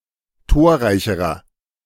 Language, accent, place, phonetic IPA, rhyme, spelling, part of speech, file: German, Germany, Berlin, [ˈtoːɐ̯ˌʁaɪ̯çəʁɐ], -oːɐ̯ʁaɪ̯çəʁɐ, torreicherer, adjective, De-torreicherer.ogg
- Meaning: inflection of torreich: 1. strong/mixed nominative masculine singular comparative degree 2. strong genitive/dative feminine singular comparative degree 3. strong genitive plural comparative degree